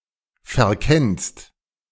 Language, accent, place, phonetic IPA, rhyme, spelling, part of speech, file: German, Germany, Berlin, [fɛɐ̯ˈkɛnst], -ɛnst, verkennst, verb, De-verkennst.ogg
- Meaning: second-person singular present of verkennen